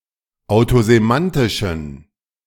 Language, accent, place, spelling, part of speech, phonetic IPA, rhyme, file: German, Germany, Berlin, autosemantischen, adjective, [aʊ̯tozeˈmantɪʃn̩], -antɪʃn̩, De-autosemantischen.ogg
- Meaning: inflection of autosemantisch: 1. strong genitive masculine/neuter singular 2. weak/mixed genitive/dative all-gender singular 3. strong/weak/mixed accusative masculine singular 4. strong dative plural